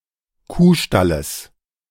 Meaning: genitive singular of Kuhstall
- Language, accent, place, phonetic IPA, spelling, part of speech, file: German, Germany, Berlin, [ˈkuːˌʃtaləs], Kuhstalles, noun, De-Kuhstalles.ogg